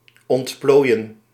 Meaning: 1. to unfold, to unfurl 2. to develop, to evolve 3. to expand
- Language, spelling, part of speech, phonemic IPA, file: Dutch, ontplooien, verb, /ˌɔntˈploːi̯ə(n)/, Nl-ontplooien.ogg